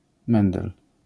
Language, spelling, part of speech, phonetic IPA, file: Polish, mendel, noun, [ˈmɛ̃ndɛl], LL-Q809 (pol)-mendel.wav